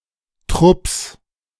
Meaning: 1. genitive singular of Trupp 2. plural of Trupp
- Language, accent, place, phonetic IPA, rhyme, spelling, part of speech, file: German, Germany, Berlin, [tʁʊps], -ʊps, Trupps, noun, De-Trupps.ogg